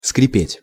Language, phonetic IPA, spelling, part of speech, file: Russian, [skrʲɪˈpʲetʲ], скрипеть, verb, Ru-скрипеть.ogg
- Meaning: to creak, to screech, to squeak (to make a prolonged sharp grating or squeaking sound)